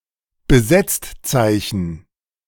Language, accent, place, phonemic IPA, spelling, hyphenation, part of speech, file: German, Germany, Berlin, /bəˈzɛt͡stˌt͡saɪ̯çn̩/, Besetztzeichen, Be‧setzt‧zeichen, noun, De-Besetztzeichen.ogg
- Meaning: busy signal